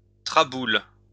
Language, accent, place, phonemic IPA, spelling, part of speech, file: French, France, Lyon, /tʁa.bul/, traboule, noun, LL-Q150 (fra)-traboule.wav
- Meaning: a covered passageway that connects two streets